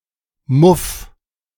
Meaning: 1. singular imperative of muffen 2. first-person singular present of muffen
- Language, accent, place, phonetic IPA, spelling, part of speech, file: German, Germany, Berlin, [mʊf], muff, verb, De-muff.ogg